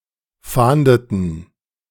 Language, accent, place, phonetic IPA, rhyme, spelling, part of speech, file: German, Germany, Berlin, [ˈfaːndətn̩], -aːndətn̩, fahndeten, verb, De-fahndeten.ogg
- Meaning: inflection of fahnden: 1. first/third-person plural preterite 2. first/third-person plural subjunctive II